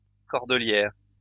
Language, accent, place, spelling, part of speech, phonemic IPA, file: French, France, Lyon, cordelière, noun, /kɔʁ.də.ljɛʁ/, LL-Q150 (fra)-cordelière.wav
- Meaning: cord; cord belt